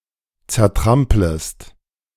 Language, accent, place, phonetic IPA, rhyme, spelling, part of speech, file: German, Germany, Berlin, [t͡sɛɐ̯ˈtʁampləst], -ampləst, zertramplest, verb, De-zertramplest.ogg
- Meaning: second-person singular subjunctive I of zertrampeln